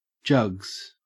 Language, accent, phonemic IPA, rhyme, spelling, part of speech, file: English, Australia, /d͡ʒʌɡz/, -ʌɡz, jugs, noun / verb, En-au-jugs.ogg
- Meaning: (noun) plural of jug; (verb) third-person singular simple present indicative of jug